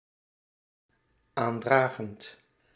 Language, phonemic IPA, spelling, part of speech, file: Dutch, /ˈandraɣənt/, aandragend, verb, Nl-aandragend.ogg
- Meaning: present participle of aandragen